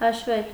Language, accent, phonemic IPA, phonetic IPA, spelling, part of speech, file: Armenian, Eastern Armenian, /hɑʃˈvel/, [hɑʃvél], հաշվել, verb, Hy-հաշվել.ogg
- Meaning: 1. to count 2. to calculate, to compute 3. to consider, to regard, to think, to reckon